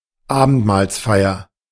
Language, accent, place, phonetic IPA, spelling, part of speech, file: German, Germany, Berlin, [ˈaːbn̩tmaːlsˌfaɪ̯ɐ], Abendmahlsfeier, noun, De-Abendmahlsfeier.ogg
- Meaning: 1. a mass on Maundy Thursday in remembrance of the biblical Last Supper 2. Communion; Eucharist (sacrament)